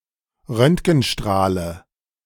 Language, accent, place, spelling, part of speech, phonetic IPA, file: German, Germany, Berlin, Röntgenstrahle, noun, [ˈʁœntɡn̩ˌʃtʁaːlə], De-Röntgenstrahle.ogg
- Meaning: nominative/accusative/genitive plural of Röntgenstrahl